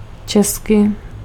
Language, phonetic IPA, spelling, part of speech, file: Czech, [ˈt͡ʃɛskɪ], česky, adverb, Cs-česky.ogg
- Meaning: in Czech